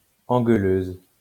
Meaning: female equivalent of engueuleur
- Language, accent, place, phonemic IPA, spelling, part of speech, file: French, France, Lyon, /ɑ̃.ɡœ.løz/, engueuleuse, noun, LL-Q150 (fra)-engueuleuse.wav